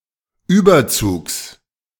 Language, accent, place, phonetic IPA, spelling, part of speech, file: German, Germany, Berlin, [ˈyːbɐˌt͡suːks], Überzugs, noun, De-Überzugs.ogg
- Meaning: genitive singular of Überzug